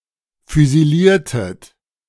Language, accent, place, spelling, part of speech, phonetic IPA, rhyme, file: German, Germany, Berlin, füsiliertet, verb, [fyziˈliːɐ̯tət], -iːɐ̯tət, De-füsiliertet.ogg
- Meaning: inflection of füsilieren: 1. second-person plural preterite 2. second-person plural subjunctive II